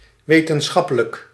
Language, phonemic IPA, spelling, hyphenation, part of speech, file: Dutch, /ˌʋeː.tənˈsxɑ.pə.lək/, wetenschappelijk, we‧ten‧schap‧pe‧lijk, adjective, Nl-wetenschappelijk.ogg
- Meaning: scientific (of or having to do with science)